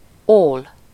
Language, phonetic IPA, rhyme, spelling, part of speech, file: Hungarian, [ˈoːl], -oːl, ól, noun, Hu-ól.ogg
- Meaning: sty (for pigs), kennel (for dogs)